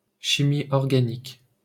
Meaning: organic chemistry (chemistry of carbon-containing compounds)
- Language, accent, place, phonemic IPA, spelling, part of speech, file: French, France, Paris, /ʃi.mi ɔʁ.ɡa.nik/, chimie organique, noun, LL-Q150 (fra)-chimie organique.wav